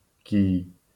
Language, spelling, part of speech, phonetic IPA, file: Polish, kij, noun, [cij], LL-Q809 (pol)-kij.wav